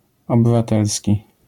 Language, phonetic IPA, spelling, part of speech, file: Polish, [ˌɔbɨvaˈtɛlsʲci], obywatelski, adjective, LL-Q809 (pol)-obywatelski.wav